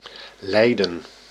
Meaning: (verb) 1. to undergo, endure, suffer 2. to suffer; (noun) suffering
- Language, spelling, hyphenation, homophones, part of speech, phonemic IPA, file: Dutch, lijden, lij‧den, leiden, verb / noun, /ˈlɛi̯də(n)/, Nl-lijden.ogg